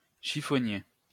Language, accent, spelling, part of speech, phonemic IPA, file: French, France, chiffonnier, noun, /ʃi.fɔ.nje/, LL-Q150 (fra)-chiffonnier.wav
- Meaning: 1. rag-gatherer 2. chiffonier (item of furniture)